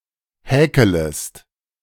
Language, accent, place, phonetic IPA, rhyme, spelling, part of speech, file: German, Germany, Berlin, [ˈhɛːkələst], -ɛːkələst, häkelest, verb, De-häkelest.ogg
- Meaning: second-person singular subjunctive I of häkeln